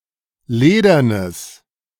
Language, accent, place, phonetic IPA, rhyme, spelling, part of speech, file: German, Germany, Berlin, [ˈleːdɐnəs], -eːdɐnəs, ledernes, adjective, De-ledernes.ogg
- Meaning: strong/mixed nominative/accusative neuter singular of ledern